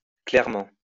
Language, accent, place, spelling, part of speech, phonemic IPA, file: French, France, Lyon, clairement, adverb, /klɛʁ.mɑ̃/, LL-Q150 (fra)-clairement.wav
- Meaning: clearly; patently